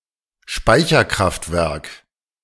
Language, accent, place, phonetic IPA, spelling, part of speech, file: German, Germany, Berlin, [ˈʃpaɪ̯çɐˌkʁaftvɛʁk], Speicherkraftwerk, noun, De-Speicherkraftwerk.ogg
- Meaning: storage power station